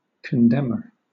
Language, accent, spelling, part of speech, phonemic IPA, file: English, Southern England, condemner, noun, /kənˈdɛmə(ɹ)/, LL-Q1860 (eng)-condemner.wav
- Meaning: A person who condemns or censures